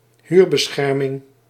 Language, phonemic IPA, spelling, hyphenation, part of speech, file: Dutch, /ˈɦyːr.bəˌsxɛr.mɪŋ/, huurbescherming, huur‧be‧scher‧ming, noun, Nl-huurbescherming.ogg
- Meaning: rent control